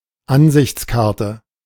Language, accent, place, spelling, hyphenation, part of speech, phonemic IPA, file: German, Germany, Berlin, Ansichtskarte, An‧sichts‧kar‧te, noun, /ˈanzɪçtsˌkaʁtə/, De-Ansichtskarte.ogg
- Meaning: picture postcard